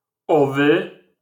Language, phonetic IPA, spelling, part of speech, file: Polish, [ˈɔvɨ], -owy, suffix, LL-Q809 (pol)--owy.wav